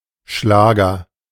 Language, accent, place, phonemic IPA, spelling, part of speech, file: German, Germany, Berlin, /ˈʃlaːɡɐ/, Schlager, noun, De-Schlager.ogg
- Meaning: 1. schlager (European music genre) 2. hit (music or entertainment success)